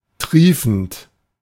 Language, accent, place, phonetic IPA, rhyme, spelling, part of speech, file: German, Germany, Berlin, [ˈtʁiːfn̩t], -iːfn̩t, triefend, verb, De-triefend.ogg
- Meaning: present participle of triefen